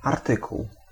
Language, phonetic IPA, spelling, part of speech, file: Polish, [arˈtɨkuw], artykuł, noun, Pl-artykuł.ogg